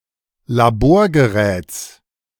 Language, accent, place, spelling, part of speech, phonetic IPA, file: German, Germany, Berlin, Laborgeräts, noun, [laˈboːɐ̯ɡəˌʁɛːt͡s], De-Laborgeräts.ogg
- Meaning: genitive singular of Laborgerät